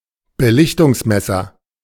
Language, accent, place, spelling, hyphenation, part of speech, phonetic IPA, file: German, Germany, Berlin, Belichtungsmesser, Be‧lich‧tungs‧mes‧ser, noun, [bəˈlɪçtʊŋsˌmɛsɐ], De-Belichtungsmesser.ogg
- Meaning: light meter, exposure meter